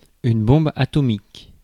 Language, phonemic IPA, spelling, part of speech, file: French, /bɔ̃.b‿a.tɔ.mik/, bombe atomique, noun, Fr-bombe-atomique.ogg
- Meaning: atomic bomb (nuclear weapon)